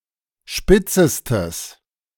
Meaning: strong/mixed nominative/accusative neuter singular superlative degree of spitz
- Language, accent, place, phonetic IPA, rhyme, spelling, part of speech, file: German, Germany, Berlin, [ˈʃpɪt͡səstəs], -ɪt͡səstəs, spitzestes, adjective, De-spitzestes.ogg